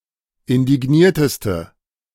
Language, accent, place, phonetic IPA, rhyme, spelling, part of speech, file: German, Germany, Berlin, [ɪndɪˈɡniːɐ̯təstə], -iːɐ̯təstə, indignierteste, adjective, De-indignierteste.ogg
- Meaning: inflection of indigniert: 1. strong/mixed nominative/accusative feminine singular superlative degree 2. strong nominative/accusative plural superlative degree